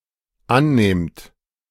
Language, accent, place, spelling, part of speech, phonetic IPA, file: German, Germany, Berlin, annehmt, verb, [ˈanˌneːmt], De-annehmt.ogg
- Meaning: second-person plural dependent present of annehmen